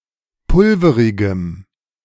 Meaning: strong dative masculine/neuter singular of pulverig
- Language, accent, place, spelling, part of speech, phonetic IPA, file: German, Germany, Berlin, pulverigem, adjective, [ˈpʊlfəʁɪɡəm], De-pulverigem.ogg